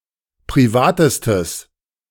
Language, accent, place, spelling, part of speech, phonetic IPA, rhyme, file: German, Germany, Berlin, privatestes, adjective, [pʁiˈvaːtəstəs], -aːtəstəs, De-privatestes.ogg
- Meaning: strong/mixed nominative/accusative neuter singular superlative degree of privat